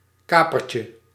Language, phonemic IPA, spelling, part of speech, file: Dutch, /ˈkapərcə/, kapertje, noun, Nl-kapertje.ogg
- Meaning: diminutive of kaper